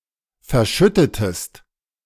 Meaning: inflection of verschütten: 1. second-person singular preterite 2. second-person singular subjunctive II
- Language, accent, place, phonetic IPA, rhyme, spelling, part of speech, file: German, Germany, Berlin, [fɛɐ̯ˈʃʏtətəst], -ʏtətəst, verschüttetest, verb, De-verschüttetest.ogg